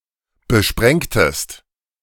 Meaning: inflection of besprengen: 1. second-person singular preterite 2. second-person singular subjunctive II
- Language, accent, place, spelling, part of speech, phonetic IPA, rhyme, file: German, Germany, Berlin, besprengtest, verb, [bəˈʃpʁɛŋtəst], -ɛŋtəst, De-besprengtest.ogg